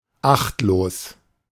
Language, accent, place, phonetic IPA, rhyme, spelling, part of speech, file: German, Germany, Berlin, [ˈaxtloːs], -axtloːs, achtlos, adjective, De-achtlos.ogg
- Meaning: 1. heedless, unheeding 2. careless; thoughtless